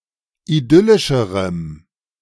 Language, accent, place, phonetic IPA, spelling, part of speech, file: German, Germany, Berlin, [iˈdʏlɪʃəʁəm], idyllischerem, adjective, De-idyllischerem.ogg
- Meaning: strong dative masculine/neuter singular comparative degree of idyllisch